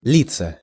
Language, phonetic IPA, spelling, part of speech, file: Russian, [ˈlʲit͡sːə], литься, verb, Ru-литься.ogg
- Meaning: 1. to flow, to pour 2. to pour on oneself 3. to spread 4. to sound 5. passive of лить (litʹ)